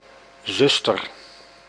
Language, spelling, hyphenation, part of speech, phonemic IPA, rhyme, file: Dutch, zuster, zus‧ter, noun, /ˈzʏstər/, -ʏstər, Nl-zuster.ogg
- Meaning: 1. sister (female sibling) 2. sister (fictive female kin member) 3. sister (nun) 4. nurse (woman who provides care for the ill)